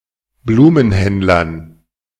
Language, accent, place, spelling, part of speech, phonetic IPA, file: German, Germany, Berlin, Blumenhändlern, noun, [ˈbluːmənˌhɛndlɐn], De-Blumenhändlern.ogg
- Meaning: dative plural of Blumenhändler